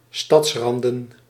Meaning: plural of stadsrand
- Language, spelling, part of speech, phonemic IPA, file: Dutch, stadsranden, noun, /ˈstɑtsrɑndə(n)/, Nl-stadsranden.ogg